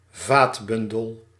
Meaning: vascular bundle
- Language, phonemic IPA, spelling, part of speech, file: Dutch, /ˈvaːtbʏndəl/, vaatbundel, noun, Nl-vaatbundel.ogg